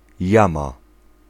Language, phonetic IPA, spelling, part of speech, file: Polish, [ˈjãma], jama, noun, Pl-jama.ogg